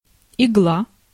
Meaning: 1. needle 2. thorn, prickle 3. quill, spine, bristle 4. Igla (Soviet spacecraft docking system)
- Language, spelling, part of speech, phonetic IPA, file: Russian, игла, noun, [ɪˈɡɫa], Ru-игла.ogg